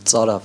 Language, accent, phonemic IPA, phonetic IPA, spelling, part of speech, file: Armenian, Eastern Armenian, /t͡sɑˈɾɑv/, [t͡sɑɾɑ́v], ծարավ, adjective, Hy-ծարավ.ogg
- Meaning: thirsty